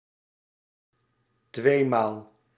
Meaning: twice, two times
- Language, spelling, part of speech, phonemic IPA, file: Dutch, tweemaal, adverb, /ˈtʋeːmaːl/, Nl-tweemaal.ogg